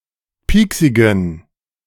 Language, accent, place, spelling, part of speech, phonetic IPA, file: German, Germany, Berlin, pieksigen, adjective, [ˈpiːksɪɡn̩], De-pieksigen.ogg
- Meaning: inflection of pieksig: 1. strong genitive masculine/neuter singular 2. weak/mixed genitive/dative all-gender singular 3. strong/weak/mixed accusative masculine singular 4. strong dative plural